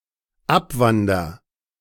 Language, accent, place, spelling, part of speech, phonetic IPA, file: German, Germany, Berlin, abwander, verb, [ˈapˌvandɐ], De-abwander.ogg
- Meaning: first-person singular dependent present of abwandern